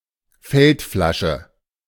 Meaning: water flask
- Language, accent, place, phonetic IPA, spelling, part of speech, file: German, Germany, Berlin, [ˈfɛltˌflaʃə], Feldflasche, noun, De-Feldflasche.ogg